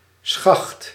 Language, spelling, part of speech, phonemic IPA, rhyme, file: Dutch, schacht, noun, /sxɑxt/, -ɑxt, Nl-schacht.ogg
- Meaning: 1. a shaft, a pole-shaped object or part of one, e.g. a handle 2. a shaft, an access opening 3. a pledge, freshman, especially if subject to hazing